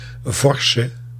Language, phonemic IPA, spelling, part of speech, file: Dutch, /ˈvɔrsə/, vorse, verb, Nl-vorse.ogg
- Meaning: singular present subjunctive of vorsen